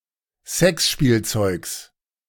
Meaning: genitive singular of Sexspielzeug
- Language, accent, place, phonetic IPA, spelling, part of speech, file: German, Germany, Berlin, [ˈzɛksʃpiːlˌt͡sɔɪ̯ks], Sexspielzeugs, noun, De-Sexspielzeugs.ogg